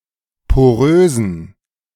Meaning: inflection of porös: 1. strong genitive masculine/neuter singular 2. weak/mixed genitive/dative all-gender singular 3. strong/weak/mixed accusative masculine singular 4. strong dative plural
- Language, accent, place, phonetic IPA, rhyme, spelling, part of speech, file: German, Germany, Berlin, [poˈʁøːzn̩], -øːzn̩, porösen, adjective, De-porösen.ogg